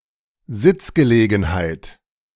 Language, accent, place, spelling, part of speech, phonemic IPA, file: German, Germany, Berlin, Sitzgelegenheit, noun, /ˈzɪt͡sɡəˌleːɡənhaɪt/, De-Sitzgelegenheit.ogg
- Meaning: seat; (plural): seating, seating accommodation